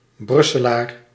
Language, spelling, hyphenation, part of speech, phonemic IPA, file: Dutch, Brusselaar, Brus‧se‧laar, noun, /ˈbrʏ.səˌlaːr/, Nl-Brusselaar.ogg
- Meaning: an inhabitant of Brussels, the capital city of the EU, Brabant (duchy and former province), Flanders (modern region) and Belgium